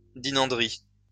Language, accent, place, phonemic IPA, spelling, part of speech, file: French, France, Lyon, /di.nɑ̃.dʁi/, dinanderie, noun, LL-Q150 (fra)-dinanderie.wav
- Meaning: brassware